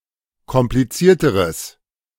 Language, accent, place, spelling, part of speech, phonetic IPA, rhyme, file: German, Germany, Berlin, komplizierteres, adjective, [kɔmpliˈt͡siːɐ̯təʁəs], -iːɐ̯təʁəs, De-komplizierteres.ogg
- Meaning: strong/mixed nominative/accusative neuter singular comparative degree of kompliziert